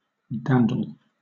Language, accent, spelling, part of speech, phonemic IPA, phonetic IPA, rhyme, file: English, Southern England, dandle, verb / noun, /ˈdændəl/, [ˈdændəɫ], -ændəl, LL-Q1860 (eng)-dandle.wav
- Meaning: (verb) 1. To move up and down on one's knee or in one's arms, in affectionate play, usually said of a child 2. To treat with fondness or affection, as if a child; to pet 3. To play with; to wheedle